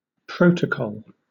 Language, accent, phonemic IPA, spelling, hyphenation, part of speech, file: English, Southern England, /ˈpɹəʊtəˌkɒl/, protocol, pro‧to‧col, noun / verb, LL-Q1860 (eng)-protocol.wav
- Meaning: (noun) The minutes, or official record, of a negotiation or transaction; especially a document drawn up officially which forms the legal basis for subsequent agreements based on it